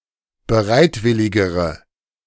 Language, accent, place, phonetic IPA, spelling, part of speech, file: German, Germany, Berlin, [bəˈʁaɪ̯tˌvɪlɪɡəʁə], bereitwilligere, adjective, De-bereitwilligere.ogg
- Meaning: inflection of bereitwillig: 1. strong/mixed nominative/accusative feminine singular comparative degree 2. strong nominative/accusative plural comparative degree